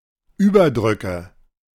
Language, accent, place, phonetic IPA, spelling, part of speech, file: German, Germany, Berlin, [ˈyːbɐˌdʁʏkə], Überdrücke, noun, De-Überdrücke.ogg
- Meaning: plural of Überdruck